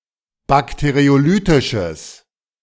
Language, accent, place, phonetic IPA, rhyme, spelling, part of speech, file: German, Germany, Berlin, [ˌbakteʁioˈlyːtɪʃəs], -yːtɪʃəs, bakteriolytisches, adjective, De-bakteriolytisches.ogg
- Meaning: strong/mixed nominative/accusative neuter singular of bakteriolytisch